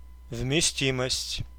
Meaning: capacity
- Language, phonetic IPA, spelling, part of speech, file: Russian, [vmʲɪˈsʲtʲiməsʲtʲ], вместимость, noun, Ru-вместимость.ogg